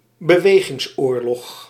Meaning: 1. manoeuvre warfare 2. a war that involves manoeuvre warfare
- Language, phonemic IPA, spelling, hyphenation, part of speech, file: Dutch, /bəˈʋeː.ɣɪŋsˌoːr.lɔx/, bewegingsoorlog, be‧we‧gings‧oor‧log, noun, Nl-bewegingsoorlog.ogg